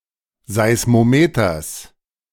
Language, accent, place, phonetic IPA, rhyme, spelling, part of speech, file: German, Germany, Berlin, [ˌzaɪ̯smoˈmeːtɐs], -eːtɐs, Seismometers, noun, De-Seismometers.ogg
- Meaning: genitive singular of Seismometer